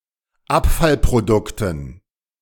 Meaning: dative plural of Abfallprodukt
- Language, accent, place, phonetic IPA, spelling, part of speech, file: German, Germany, Berlin, [ˈapfalpʁoˌdʊktn̩], Abfallprodukten, noun, De-Abfallprodukten.ogg